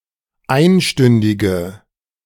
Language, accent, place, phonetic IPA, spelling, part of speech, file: German, Germany, Berlin, [ˈaɪ̯nˌʃtʏndɪɡə], einstündige, adjective, De-einstündige.ogg
- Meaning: inflection of einstündig: 1. strong/mixed nominative/accusative feminine singular 2. strong nominative/accusative plural 3. weak nominative all-gender singular